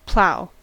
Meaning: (noun) 1. A device pulled through the ground in order to break it open into furrows for planting 2. Any of several other tools or implements that cut and push material.: Ellipsis of snowplough
- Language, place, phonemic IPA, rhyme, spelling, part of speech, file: English, California, /plaʊ/, -aʊ, plough, noun / verb, En-us-plough.ogg